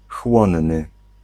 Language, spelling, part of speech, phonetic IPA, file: Polish, chłonny, adjective, [ˈxwɔ̃nːɨ], Pl-chłonny.ogg